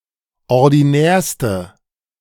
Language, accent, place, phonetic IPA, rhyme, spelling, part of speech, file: German, Germany, Berlin, [ɔʁdiˈnɛːɐ̯stə], -ɛːɐ̯stə, ordinärste, adjective, De-ordinärste.ogg
- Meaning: inflection of ordinär: 1. strong/mixed nominative/accusative feminine singular superlative degree 2. strong nominative/accusative plural superlative degree